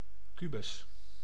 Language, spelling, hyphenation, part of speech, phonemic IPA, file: Dutch, kubus, ku‧bus, noun, /ˈky.bʏs/, Nl-kubus.ogg
- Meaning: cube